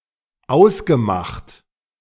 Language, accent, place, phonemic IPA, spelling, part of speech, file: German, Germany, Berlin, /ˈaʊ̯sɡəˌmaxt/, ausgemacht, verb / adjective, De-ausgemacht.ogg
- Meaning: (verb) past participle of ausmachen; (adjective) decided